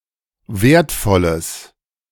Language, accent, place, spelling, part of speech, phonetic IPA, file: German, Germany, Berlin, wertvolles, adjective, [ˈveːɐ̯tˌfɔləs], De-wertvolles.ogg
- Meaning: strong/mixed nominative/accusative neuter singular of wertvoll